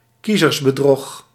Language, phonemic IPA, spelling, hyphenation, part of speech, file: Dutch, /ˈki.zərs.bəˌdrɔx/, kiezersbedrog, kie‧zers‧be‧drog, noun, Nl-kiezersbedrog.ogg
- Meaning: electoral deceit